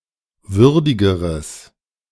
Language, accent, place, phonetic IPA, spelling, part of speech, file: German, Germany, Berlin, [ˈvʏʁdɪɡəʁəs], würdigeres, adjective, De-würdigeres.ogg
- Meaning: strong/mixed nominative/accusative neuter singular comparative degree of würdig